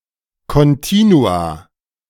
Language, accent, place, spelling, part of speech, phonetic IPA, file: German, Germany, Berlin, Kontinua, noun, [ˌkɔnˈtiːnua], De-Kontinua.ogg
- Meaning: plural of Kontinuum